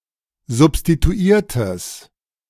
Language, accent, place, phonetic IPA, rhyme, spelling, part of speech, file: German, Germany, Berlin, [zʊpstituˈiːɐ̯təs], -iːɐ̯təs, substituiertes, adjective, De-substituiertes.ogg
- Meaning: strong/mixed nominative/accusative neuter singular of substituiert